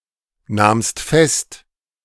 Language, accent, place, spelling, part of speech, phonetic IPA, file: German, Germany, Berlin, nahmst fest, verb, [ˌnaːmst ˈfɛst], De-nahmst fest.ogg
- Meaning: second-person singular preterite of festnehmen